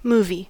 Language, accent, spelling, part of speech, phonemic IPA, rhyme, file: English, US, movie, noun, /ˈmuːvi/, -uːvi, En-us-movie.ogg
- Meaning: A recorded sequence of images displayed on a screen at a rate sufficiently fast to create the appearance of motion; a film; a video